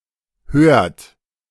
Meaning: inflection of hören: 1. third-person singular present 2. second-person plural present 3. plural imperative
- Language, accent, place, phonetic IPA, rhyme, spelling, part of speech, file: German, Germany, Berlin, [høːɐ̯t], -øːɐ̯t, hört, verb, De-hört.ogg